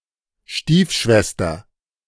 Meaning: stepsister
- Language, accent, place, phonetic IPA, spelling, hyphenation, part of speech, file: German, Germany, Berlin, [ˈʃtiːfˌʃvɛstɐ], Stiefschwester, Stief‧schwe‧ster, noun, De-Stiefschwester.ogg